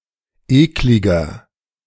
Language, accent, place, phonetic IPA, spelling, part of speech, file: German, Germany, Berlin, [ˈeːklɪɡɐ], ekliger, adjective, De-ekliger.ogg
- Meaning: 1. comparative degree of eklig 2. inflection of eklig: strong/mixed nominative masculine singular 3. inflection of eklig: strong genitive/dative feminine singular